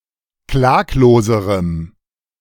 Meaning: strong dative masculine/neuter singular comparative degree of klaglos
- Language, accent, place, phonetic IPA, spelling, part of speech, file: German, Germany, Berlin, [ˈklaːkloːzəʁəm], klagloserem, adjective, De-klagloserem.ogg